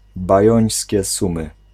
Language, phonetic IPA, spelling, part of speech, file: Polish, [baˈjɔ̇̃j̃sʲcɛ ˈsũmɨ], bajońskie sumy, noun, Pl-bajońskie sumy.ogg